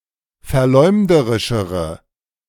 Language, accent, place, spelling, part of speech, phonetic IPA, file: German, Germany, Berlin, verleumderischere, adjective, [fɛɐ̯ˈlɔɪ̯mdəʁɪʃəʁə], De-verleumderischere.ogg
- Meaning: inflection of verleumderisch: 1. strong/mixed nominative/accusative feminine singular comparative degree 2. strong nominative/accusative plural comparative degree